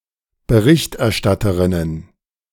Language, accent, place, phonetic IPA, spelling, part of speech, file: German, Germany, Berlin, [bəˈʁɪçtʔɛɐ̯ˌʃtatəʁɪnən], Berichterstatterinnen, noun, De-Berichterstatterinnen.ogg
- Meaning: plural of Berichterstatterin